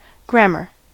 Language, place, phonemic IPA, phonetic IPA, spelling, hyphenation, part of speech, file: English, California, /ˈɡɹæm.ɚ/, [ˈɡɹɛəm.ɚ], grammar, gram‧mar, noun / verb, En-us-grammar.ogg
- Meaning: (noun) A system of rules and principles for the structure of a language, or of languages in general